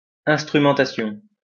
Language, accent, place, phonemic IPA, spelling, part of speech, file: French, France, Lyon, /ɛ̃s.tʁy.mɑ̃.ta.sjɔ̃/, instrumentation, noun, LL-Q150 (fra)-instrumentation.wav
- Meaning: instrumentation